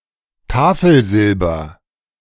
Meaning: silverware (silver cutlery, etc.)
- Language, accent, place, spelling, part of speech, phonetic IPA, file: German, Germany, Berlin, Tafelsilber, noun, [ˈtaːfl̩ˌzɪlbɐ], De-Tafelsilber.ogg